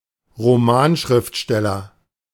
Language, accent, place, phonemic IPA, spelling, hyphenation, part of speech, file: German, Germany, Berlin, /ʁoˈmaːnˌʃʁɪftʃtɛlɐ/, Romanschriftsteller, Ro‧man‧schrift‧stel‧ler, noun, De-Romanschriftsteller.ogg
- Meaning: novelist (author of novels)